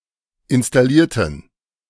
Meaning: inflection of installieren: 1. first/third-person plural preterite 2. first/third-person plural subjunctive II
- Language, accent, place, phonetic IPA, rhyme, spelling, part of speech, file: German, Germany, Berlin, [ɪnstaˈliːɐ̯tn̩], -iːɐ̯tn̩, installierten, adjective / verb, De-installierten.ogg